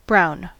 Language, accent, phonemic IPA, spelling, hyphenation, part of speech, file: English, US, /ˈbɹaʊ̯n/, brown, brown, noun / adjective / verb, En-us-brown.ogg
- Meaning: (noun) 1. A colour like that of chocolate or coffee 2. One of the colour balls used in snooker, with a value of 4 points 3. Black tar heroin 4. A copper coin 5. A brown horse or other animal